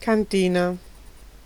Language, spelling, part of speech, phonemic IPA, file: Italian, cantina, noun, /kanˈtina/, It-cantina.ogg